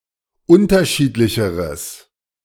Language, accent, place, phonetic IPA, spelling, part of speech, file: German, Germany, Berlin, [ˈʊntɐˌʃiːtlɪçəʁəs], unterschiedlicheres, adjective, De-unterschiedlicheres.ogg
- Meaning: strong/mixed nominative/accusative neuter singular comparative degree of unterschiedlich